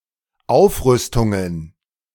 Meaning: plural of Aufrüstung
- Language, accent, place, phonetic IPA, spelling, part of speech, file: German, Germany, Berlin, [ˈaʊ̯fˌʁʏstʊŋən], Aufrüstungen, noun, De-Aufrüstungen.ogg